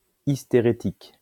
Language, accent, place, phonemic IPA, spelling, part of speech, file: French, France, Lyon, /is.te.ʁe.tik/, hystérétique, adjective, LL-Q150 (fra)-hystérétique.wav
- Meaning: hysteretic